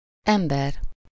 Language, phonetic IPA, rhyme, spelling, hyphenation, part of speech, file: Hungarian, [ˈɛmbɛr], -ɛr, ember, em‧ber, noun, Hu-ember.ogg
- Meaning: 1. person 2. human (a human being, whether man, woman or child) 3. construed with az: mankind, humanity, man (all humans collectively)